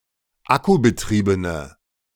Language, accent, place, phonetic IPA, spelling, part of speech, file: German, Germany, Berlin, [ˈakubəˌtʁiːbənə], akkubetriebene, adjective, De-akkubetriebene.ogg
- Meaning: inflection of akkubetrieben: 1. strong/mixed nominative/accusative feminine singular 2. strong nominative/accusative plural 3. weak nominative all-gender singular